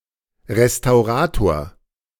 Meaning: restorer (male or of unspecified gender)
- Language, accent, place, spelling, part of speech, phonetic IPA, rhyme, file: German, Germany, Berlin, Restaurator, noun, [ʁestaʊ̯ˈʁaːtoːɐ̯], -aːtoːɐ̯, De-Restaurator.ogg